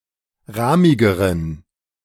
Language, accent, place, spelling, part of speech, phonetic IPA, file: German, Germany, Berlin, rahmigeren, adjective, [ˈʁaːmɪɡəʁən], De-rahmigeren.ogg
- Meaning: inflection of rahmig: 1. strong genitive masculine/neuter singular comparative degree 2. weak/mixed genitive/dative all-gender singular comparative degree